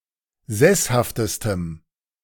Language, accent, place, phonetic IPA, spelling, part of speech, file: German, Germany, Berlin, [ˈzɛshaftəstəm], sesshaftestem, adjective, De-sesshaftestem.ogg
- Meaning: strong dative masculine/neuter singular superlative degree of sesshaft